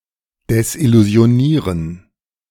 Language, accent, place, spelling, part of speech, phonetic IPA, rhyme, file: German, Germany, Berlin, desillusionieren, verb, [dɛsʔɪluzi̯oˈniːʁən], -iːʁən, De-desillusionieren.ogg
- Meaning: to disillusion